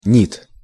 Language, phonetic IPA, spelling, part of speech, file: Russian, [nʲit], нит, noun, Ru-нит.ogg
- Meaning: nit (candela per square meter)